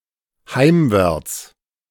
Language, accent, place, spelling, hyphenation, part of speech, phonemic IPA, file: German, Germany, Berlin, heimwärts, heim‧wärts, adverb, /ˈhaɪ̯mvɛʁt͡s/, De-heimwärts.ogg
- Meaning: homewards